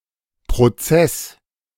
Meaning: 1. lawsuit 2. process, procedure (but less widely used than in English, chiefly for processes with rules and several steps)
- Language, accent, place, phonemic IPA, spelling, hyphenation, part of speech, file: German, Germany, Berlin, /pʁoˈt͡sɛs/, Prozess, Pro‧zess, noun, De-Prozess.ogg